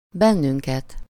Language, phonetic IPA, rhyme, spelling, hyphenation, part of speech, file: Hungarian, [ˈbɛnːyŋkɛt], -ɛt, bennünket, ben‧nün‧ket, pronoun, Hu-bennünket.ogg
- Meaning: synonym of minket, accusative of mi (“we”): us (as the direct object of a verb)